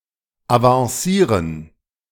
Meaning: 1. to be promoted, to advance 2. to become, to advance
- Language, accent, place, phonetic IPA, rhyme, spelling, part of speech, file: German, Germany, Berlin, [avɑ̃ˈsiːʁən], -iːʁən, avancieren, verb, De-avancieren.ogg